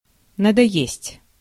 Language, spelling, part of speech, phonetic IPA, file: Russian, надоесть, verb, [nədɐˈjesʲtʲ], Ru-надоесть.ogg
- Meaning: 1. to bore 2. to bother, to pester, to molest, to worry, to annoy, to plague